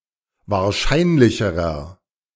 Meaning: inflection of wahrscheinlich: 1. strong/mixed nominative masculine singular comparative degree 2. strong genitive/dative feminine singular comparative degree
- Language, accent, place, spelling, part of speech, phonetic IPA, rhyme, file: German, Germany, Berlin, wahrscheinlicherer, adjective, [vaːɐ̯ˈʃaɪ̯nlɪçəʁɐ], -aɪ̯nlɪçəʁɐ, De-wahrscheinlicherer.ogg